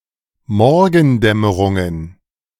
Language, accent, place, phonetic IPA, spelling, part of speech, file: German, Germany, Berlin, [ˈmɔʁɡn̩ˌdɛməʁʊŋən], Morgendämmerungen, noun, De-Morgendämmerungen.ogg
- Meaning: plural of Morgendämmerung